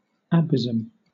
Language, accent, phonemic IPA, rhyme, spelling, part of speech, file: English, Southern England, /əˈbɪzəm/, -ɪzəm, abysm, noun, LL-Q1860 (eng)-abysm.wav
- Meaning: 1. Hell; the infernal pit; the great deep; the primal chaos 2. An abyss; a gulf, a chasm, a very deep hole